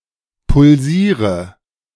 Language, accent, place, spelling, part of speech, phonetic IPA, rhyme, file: German, Germany, Berlin, pulsiere, verb, [pʊlˈziːʁə], -iːʁə, De-pulsiere.ogg
- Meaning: inflection of pulsieren: 1. first-person singular present 2. singular imperative 3. first/third-person singular subjunctive I